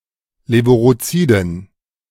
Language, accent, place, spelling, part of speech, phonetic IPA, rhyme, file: German, Germany, Berlin, levuroziden, adjective, [ˌleːvuʁoˈt͡siːdn̩], -iːdn̩, De-levuroziden.ogg
- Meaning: inflection of levurozid: 1. strong genitive masculine/neuter singular 2. weak/mixed genitive/dative all-gender singular 3. strong/weak/mixed accusative masculine singular 4. strong dative plural